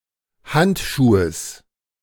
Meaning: genitive singular of Handschuh
- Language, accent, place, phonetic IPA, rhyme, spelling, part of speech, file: German, Germany, Berlin, [ˈhantʃuːəs], -antʃuːəs, Handschuhes, noun, De-Handschuhes.ogg